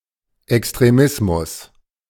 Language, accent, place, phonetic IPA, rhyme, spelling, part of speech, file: German, Germany, Berlin, [ɛkstʁeˈmɪsmʊs], -ɪsmʊs, Extremismus, noun, De-Extremismus.ogg
- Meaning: extremism